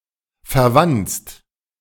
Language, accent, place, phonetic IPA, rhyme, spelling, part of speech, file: German, Germany, Berlin, [fɛɐ̯ˈvant͡st], -ant͡st, verwanzt, adjective / verb, De-verwanzt.ogg
- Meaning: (verb) past participle of verwanzen; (adjective) 1. infested with bugs 2. bugged (in order to secretly listen); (verb) inflection of verwanzen: second/third-person singular present